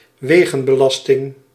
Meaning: road tax
- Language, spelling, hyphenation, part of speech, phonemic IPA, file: Dutch, wegenbelasting, we‧gen‧be‧las‧ting, noun, /ˈʋeː.ɣə(n).bəˌlɑs.tɪŋ/, Nl-wegenbelasting.ogg